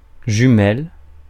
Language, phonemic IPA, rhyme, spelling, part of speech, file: French, /ʒy.mɛl/, -ɛl, jumelle, noun, Fr-jumelle.ogg
- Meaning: 1. a female twin; female equivalent of jumeau 2. A pair of binoculars 3. gemel